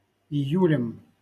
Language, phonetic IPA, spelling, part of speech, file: Russian, [ɪˈjʉlʲɪm], июлем, noun, LL-Q7737 (rus)-июлем.wav
- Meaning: instrumental singular of ию́ль (ijúlʹ)